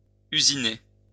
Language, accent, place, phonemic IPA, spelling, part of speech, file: French, France, Lyon, /y.zi.ne/, usiner, verb, LL-Q150 (fra)-usiner.wav
- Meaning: 1. to machine 2. to manufacture (using machinery)